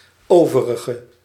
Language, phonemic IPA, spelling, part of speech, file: Dutch, /ˈovərəɣə/, overige, adjective, Nl-overige.ogg
- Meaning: inflection of overig: 1. masculine/feminine singular attributive 2. definite neuter singular attributive 3. plural attributive